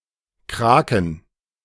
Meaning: 1. inflection of Krake: accusative/dative/genitive singular 2. inflection of Krake: nominative/accusative/dative/genitive plural 3. plural of Krake 4. alternative form of Krake
- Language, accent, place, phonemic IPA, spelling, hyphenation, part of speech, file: German, Germany, Berlin, /ˈkʁaːkən/, Kraken, Kra‧ken, noun, De-Kraken.ogg